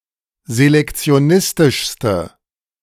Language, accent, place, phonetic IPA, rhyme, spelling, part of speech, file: German, Germany, Berlin, [zelɛkt͡si̯oˈnɪstɪʃstə], -ɪstɪʃstə, selektionistischste, adjective, De-selektionistischste.ogg
- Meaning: inflection of selektionistisch: 1. strong/mixed nominative/accusative feminine singular superlative degree 2. strong nominative/accusative plural superlative degree